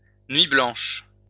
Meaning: 1. white night (sleepless night) 2. nuit blanche (an all-night celebration or festival)
- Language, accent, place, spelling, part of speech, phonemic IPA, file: French, France, Lyon, nuit blanche, noun, /nɥi blɑ̃ʃ/, LL-Q150 (fra)-nuit blanche.wav